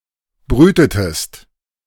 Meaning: inflection of brüten: 1. second-person singular preterite 2. second-person singular subjunctive II
- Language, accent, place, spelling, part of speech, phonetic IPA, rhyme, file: German, Germany, Berlin, brütetest, verb, [ˈbʁyːtətəst], -yːtətəst, De-brütetest.ogg